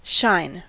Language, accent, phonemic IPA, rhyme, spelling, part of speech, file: English, US, /ʃaɪn/, -aɪn, shine, verb / noun, En-us-shine.ogg
- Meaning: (verb) 1. To emit or reflect light so as to glow 2. To reflect light 3. To distinguish oneself; to excel 4. To be effulgent in splendour or beauty